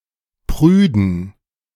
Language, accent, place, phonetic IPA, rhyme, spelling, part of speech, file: German, Germany, Berlin, [ˈpʁyːdn̩], -yːdn̩, prüden, adjective, De-prüden.ogg
- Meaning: inflection of prüde: 1. strong genitive masculine/neuter singular 2. weak/mixed genitive/dative all-gender singular 3. strong/weak/mixed accusative masculine singular 4. strong dative plural